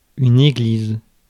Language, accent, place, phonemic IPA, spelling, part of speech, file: French, France, Paris, /e.ɡliz/, église, noun, Fr-église.ogg
- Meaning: church